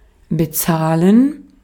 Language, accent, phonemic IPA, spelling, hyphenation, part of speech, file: German, Austria, /bəˈtsaːlən/, bezahlen, be‧zah‧len, verb, De-at-bezahlen.ogg
- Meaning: to pay, give money: 1. to pay, to balance a bill 2. to pay a sum of money 3. to pay for an item 4. to pay 5. to pay someone